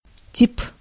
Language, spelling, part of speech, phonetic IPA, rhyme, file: Russian, тип, noun, [tʲip], -ip, Ru-тип.ogg
- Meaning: 1. type, model 2. character 3. man, guy 4. phylum